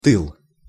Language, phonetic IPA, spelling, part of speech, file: Russian, [tɨɫ], тыл, noun, Ru-тыл.ogg
- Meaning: 1. back, rear 2. rear (the part of an army or fleet which comes last) 3. home front